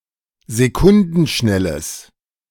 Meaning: strong/mixed nominative/accusative neuter singular of sekundenschnell
- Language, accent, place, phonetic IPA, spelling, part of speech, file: German, Germany, Berlin, [zeˈkʊndn̩ˌʃnɛləs], sekundenschnelles, adjective, De-sekundenschnelles.ogg